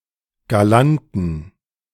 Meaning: inflection of galant: 1. strong genitive masculine/neuter singular 2. weak/mixed genitive/dative all-gender singular 3. strong/weak/mixed accusative masculine singular 4. strong dative plural
- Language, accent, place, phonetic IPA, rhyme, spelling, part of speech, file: German, Germany, Berlin, [ɡaˈlantn̩], -antn̩, galanten, adjective, De-galanten.ogg